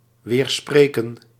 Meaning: to refute, contradict, dispute
- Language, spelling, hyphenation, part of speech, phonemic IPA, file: Dutch, weerspreken, weer‧spre‧ken, verb, /ˌʋeːrˈspreː.kə(n)/, Nl-weerspreken.ogg